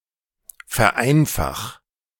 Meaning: singular imperative of vereinfachen
- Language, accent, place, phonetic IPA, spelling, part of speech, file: German, Germany, Berlin, [fɛɐ̯ˈʔaɪ̯nfax], vereinfach, verb, De-vereinfach.ogg